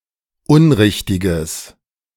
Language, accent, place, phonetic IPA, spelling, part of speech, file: German, Germany, Berlin, [ˈʊnˌʁɪçtɪɡəs], unrichtiges, adjective, De-unrichtiges.ogg
- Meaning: strong/mixed nominative/accusative neuter singular of unrichtig